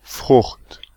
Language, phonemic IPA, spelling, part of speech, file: German, /frʊxt/, Frucht, noun, De-Frucht.ogg
- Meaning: 1. fruit (seed-bearing part of a plant) 2. harvest, crop, produce, particularly of cereal 3. result, effect, fruit